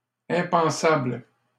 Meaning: unthinkable
- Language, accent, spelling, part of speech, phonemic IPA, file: French, Canada, impensable, adjective, /ɛ̃.pɑ̃.sabl/, LL-Q150 (fra)-impensable.wav